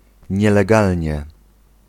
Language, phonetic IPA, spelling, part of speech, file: Polish, [ˌɲɛlɛˈɡalʲɲɛ], nielegalnie, adverb, Pl-nielegalnie.ogg